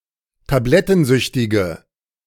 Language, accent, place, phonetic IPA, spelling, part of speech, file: German, Germany, Berlin, [taˈblɛtn̩ˌzʏçtɪɡə], tablettensüchtige, adjective, De-tablettensüchtige.ogg
- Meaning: inflection of tablettensüchtig: 1. strong/mixed nominative/accusative feminine singular 2. strong nominative/accusative plural 3. weak nominative all-gender singular